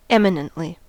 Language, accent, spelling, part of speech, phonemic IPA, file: English, US, eminently, adverb, /ˈɛmɪnəntli/, En-us-eminently.ogg
- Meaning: 1. In an eminent or prominent manner 2. To a great degree; notably; highly